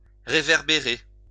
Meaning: 1. to reverberate 2. to reflect (light or sound)
- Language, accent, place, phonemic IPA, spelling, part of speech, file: French, France, Lyon, /ʁe.vɛʁ.be.ʁe/, réverbérer, verb, LL-Q150 (fra)-réverbérer.wav